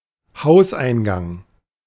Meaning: entrance, house entrance, building entrance
- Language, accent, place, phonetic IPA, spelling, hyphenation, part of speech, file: German, Germany, Berlin, [ˈhaʊ̯sʔaɪ̯nˌɡaŋ], Hauseingang, Haus‧ein‧gang, noun, De-Hauseingang.ogg